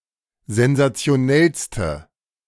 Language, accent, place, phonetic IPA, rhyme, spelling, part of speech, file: German, Germany, Berlin, [zɛnzat͡si̯oˈnɛlstə], -ɛlstə, sensationellste, adjective, De-sensationellste.ogg
- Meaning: inflection of sensationell: 1. strong/mixed nominative/accusative feminine singular superlative degree 2. strong nominative/accusative plural superlative degree